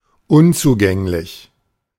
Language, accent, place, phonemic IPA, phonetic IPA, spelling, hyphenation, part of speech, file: German, Germany, Berlin, /ˈʊntsuˌɡɛŋlɪç/, [ˈʔʊntsuˌɡɛŋlɪç], unzugänglich, un‧zu‧gäng‧lich, adjective, De-unzugänglich.ogg
- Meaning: inaccessible, impenetrable